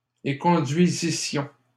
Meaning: first-person plural imperfect subjunctive of éconduire
- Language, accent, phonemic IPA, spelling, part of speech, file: French, Canada, /e.kɔ̃.dɥi.zi.sjɔ̃/, éconduisissions, verb, LL-Q150 (fra)-éconduisissions.wav